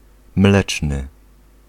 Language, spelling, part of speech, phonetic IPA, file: Polish, mleczny, adjective, [ˈmlɛt͡ʃnɨ], Pl-mleczny.ogg